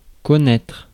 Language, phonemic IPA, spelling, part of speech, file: French, /kɔ.nɛtʁ/, connaître, verb, Fr-connaître.ogg
- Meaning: 1. to know (of), to be familiar with (a person, place, fact, event) 2. to know, to experience (glory, hunger, problems etc.) 3. to know (sexually) 4. to be knowledgeable (en about)